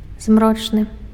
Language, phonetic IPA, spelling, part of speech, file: Belarusian, [ˈzmrot͡ʂnɨ], змрочны, adjective, Be-змрочны.ogg
- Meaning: 1. twilight, dusk; crepuscular 2. gloomy